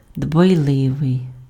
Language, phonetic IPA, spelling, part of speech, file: Ukrainian, [dbɐi̯ˈɫɪʋei̯], дбайливий, adjective, Uk-дбайливий.ogg
- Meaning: careful, attentive, heedful, solicitous